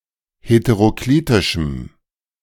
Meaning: strong dative masculine/neuter singular of heteroklitisch
- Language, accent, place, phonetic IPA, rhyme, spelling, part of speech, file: German, Germany, Berlin, [hetəʁoˈkliːtɪʃm̩], -iːtɪʃm̩, heteroklitischem, adjective, De-heteroklitischem.ogg